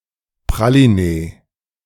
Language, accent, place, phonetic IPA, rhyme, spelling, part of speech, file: German, Germany, Berlin, [pʁaliˈneː], -eː, Pralinee, noun, De-Pralinee.ogg
- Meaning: alternative spelling of Praliné